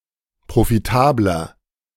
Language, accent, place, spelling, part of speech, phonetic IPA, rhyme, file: German, Germany, Berlin, profitabler, adjective, [pʁofiˈtaːblɐ], -aːblɐ, De-profitabler.ogg
- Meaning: 1. comparative degree of profitabel 2. inflection of profitabel: strong/mixed nominative masculine singular 3. inflection of profitabel: strong genitive/dative feminine singular